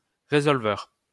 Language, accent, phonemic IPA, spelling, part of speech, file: French, France, /ʁe.zɔl.vœʁ/, résolveur, noun, LL-Q150 (fra)-résolveur.wav
- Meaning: solver (one who solves)